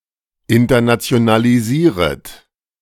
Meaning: second-person plural subjunctive I of internationalisieren
- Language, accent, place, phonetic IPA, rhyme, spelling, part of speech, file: German, Germany, Berlin, [ɪntɐnat͡si̯onaliˈziːʁət], -iːʁət, internationalisieret, verb, De-internationalisieret.ogg